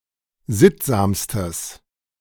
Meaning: strong/mixed nominative/accusative neuter singular superlative degree of sittsam
- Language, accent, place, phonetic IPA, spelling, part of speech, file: German, Germany, Berlin, [ˈzɪtzaːmstəs], sittsamstes, adjective, De-sittsamstes.ogg